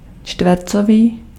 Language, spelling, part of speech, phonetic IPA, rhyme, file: Czech, čtvercový, adjective, [ˈt͡ʃtvɛrt͡soviː], -oviː, Cs-čtvercový.ogg
- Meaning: square (shaped like a square)